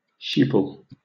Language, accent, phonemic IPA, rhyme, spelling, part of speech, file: English, Southern England, /ˈʃiːpəl/, -iːpəl, sheeple, noun, LL-Q1860 (eng)-sheeple.wav
- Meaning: People who are perceived as conforming unquestioningly to authority or mainstream beliefs